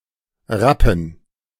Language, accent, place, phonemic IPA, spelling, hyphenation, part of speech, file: German, Germany, Berlin, /ˈʁapən/, Rappen, Rap‧pen, noun, De-Rappen.ogg
- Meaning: 1. rappen (a unit of currency in Switzerland and Liechtenstein, equal to one-hundredth of a Swiss franc) 2. rapping 3. plural of Rappe